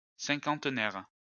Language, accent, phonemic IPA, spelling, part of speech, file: French, France, /sɛ̃.kɑ̃t.nɛʁ/, cinquantenaire, adjective / noun, LL-Q150 (fra)-cinquantenaire.wav
- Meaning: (adjective) fifty years old; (noun) 1. fifty-year-old 2. fiftieth anniversary, semicentennial